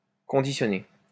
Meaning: 1. to package 2. to condition
- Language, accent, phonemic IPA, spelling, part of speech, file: French, France, /kɔ̃.di.sjɔ.ne/, conditionner, verb, LL-Q150 (fra)-conditionner.wav